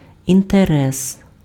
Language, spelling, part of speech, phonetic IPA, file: Ukrainian, інтерес, noun, [inteˈrɛs], Uk-інтерес.ogg
- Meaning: interest